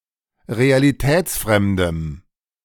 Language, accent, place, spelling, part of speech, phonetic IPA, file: German, Germany, Berlin, realitätsfremdem, adjective, [ʁealiˈtɛːt͡sˌfʁɛmdəm], De-realitätsfremdem.ogg
- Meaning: strong dative masculine/neuter singular of realitätsfremd